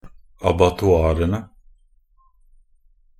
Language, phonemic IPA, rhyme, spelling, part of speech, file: Norwegian Bokmål, /abatɔˈɑːrənə/, -ənə, abattoirene, noun, Nb-abattoirene.ogg
- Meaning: definite plural of abattoir